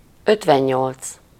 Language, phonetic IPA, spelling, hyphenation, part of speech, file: Hungarian, [ˈøtvɛɲːolt͡s], ötvennyolc, öt‧ven‧nyolc, numeral, Hu-ötvennyolc.ogg
- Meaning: fifty-eight